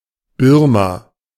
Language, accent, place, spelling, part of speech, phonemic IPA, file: German, Germany, Berlin, Birma, proper noun, /ˈbɪʁma/, De-Birma.ogg
- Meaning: Burma (a country in Southeast Asia)